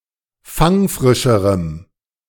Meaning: strong dative masculine/neuter singular comparative degree of fangfrisch
- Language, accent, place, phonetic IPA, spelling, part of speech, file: German, Germany, Berlin, [ˈfaŋˌfʁɪʃəʁəm], fangfrischerem, adjective, De-fangfrischerem.ogg